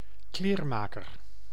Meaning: tailor (person who makes, repairs, or alters clothing as profession)
- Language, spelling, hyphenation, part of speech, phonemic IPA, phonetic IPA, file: Dutch, kleermaker, kleer‧ma‧ker, noun, /ˈkleːrˌmaː.kər/, [ˈklɪːrˌma(ː).kər], Nl-kleermaker.ogg